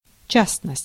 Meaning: particular
- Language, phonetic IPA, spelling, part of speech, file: Russian, [ˈt͡ɕasnəsʲtʲ], частность, noun, Ru-частность.ogg